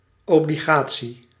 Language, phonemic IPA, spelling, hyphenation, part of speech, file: Dutch, /ˌɔ.bliˈɣaː.(t)si/, obligatie, obli‧ga‧tie, noun, Nl-obligatie.ogg
- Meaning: bond